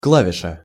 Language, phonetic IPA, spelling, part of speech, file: Russian, [ˈkɫavʲɪʂə], клавиша, noun, Ru-клавиша.ogg
- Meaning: key (on a keyboard, typewriter, musical instrument, etc.)